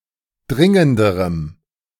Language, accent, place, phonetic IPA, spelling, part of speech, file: German, Germany, Berlin, [ˈdʁɪŋəndəʁəm], dringenderem, adjective, De-dringenderem.ogg
- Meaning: strong dative masculine/neuter singular comparative degree of dringend